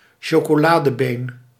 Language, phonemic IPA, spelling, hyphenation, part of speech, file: Dutch, /ʃoː.koːˈlaː.dəˌbeːn/, chocoladebeen, cho‧co‧la‧de‧been, noun, Nl-chocoladebeen.ogg
- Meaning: the non-dominant leg of a football player